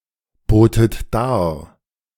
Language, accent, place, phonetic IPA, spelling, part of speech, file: German, Germany, Berlin, [ˌboːtət ˈdaːɐ̯], botet dar, verb, De-botet dar.ogg
- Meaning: second-person plural preterite of darbieten